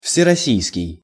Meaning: all-Russian
- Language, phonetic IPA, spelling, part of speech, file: Russian, [fsʲɪrɐˈsʲijskʲɪj], всероссийский, adjective, Ru-всероссийский.ogg